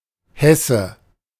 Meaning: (noun) 1. Hessian (native or inhabitant of the state of Hesse, Germany) (usually male) 2. shank (of beef or veal); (proper noun) Hesse (a state of modern Germany)
- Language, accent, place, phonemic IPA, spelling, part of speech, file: German, Germany, Berlin, /ˈhɛsə/, Hesse, noun / proper noun, De-Hesse.ogg